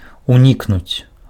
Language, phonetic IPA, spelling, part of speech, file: Belarusian, [uˈnʲiknut͡sʲ], унікнуць, verb, Be-унікнуць.ogg
- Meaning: to avoid, to evade